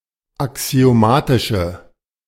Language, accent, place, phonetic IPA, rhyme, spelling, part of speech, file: German, Germany, Berlin, [aksi̯oˈmaːtɪʃə], -aːtɪʃə, axiomatische, adjective, De-axiomatische.ogg
- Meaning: inflection of axiomatisch: 1. strong/mixed nominative/accusative feminine singular 2. strong nominative/accusative plural 3. weak nominative all-gender singular